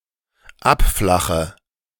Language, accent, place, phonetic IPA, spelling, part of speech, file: German, Germany, Berlin, [ˈapˌflaxə], abflache, verb, De-abflache.ogg
- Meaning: inflection of abflachen: 1. first-person singular dependent present 2. first/third-person singular dependent subjunctive I